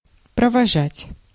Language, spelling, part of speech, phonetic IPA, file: Russian, провожать, verb, [prəvɐˈʐatʲ], Ru-провожать.ogg
- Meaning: to escort, to accompany, to see off